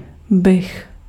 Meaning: first-person singular conditional of být; would
- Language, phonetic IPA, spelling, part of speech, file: Czech, [ˈbɪx], bych, verb, Cs-bych.ogg